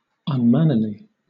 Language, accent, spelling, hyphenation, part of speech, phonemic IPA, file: English, Southern England, unmannerly, un‧man‧ner‧ly, adjective / adverb, /ʌnˈmænəli/, LL-Q1860 (eng)-unmannerly.wav
- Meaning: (adjective) Not mannerly (“polite; having good manners”); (adverb) In a way that is not mannerly; discourteously, rudely